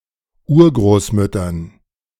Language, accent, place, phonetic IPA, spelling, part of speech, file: German, Germany, Berlin, [ˈuːɐ̯ɡʁoːsˌmʏtɐn], Urgroßmüttern, noun, De-Urgroßmüttern.ogg
- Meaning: dative plural of Urgroßmutter